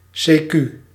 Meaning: 1. abbreviation of casu quo (“(or) in which case, (or) if that be the case”) 2. also used, technically incorrectly, to mean 'or', 'or else', 'in particular'
- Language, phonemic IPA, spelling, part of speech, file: Dutch, /ˈseːky/, c.q., adverb, Nl-c.q..ogg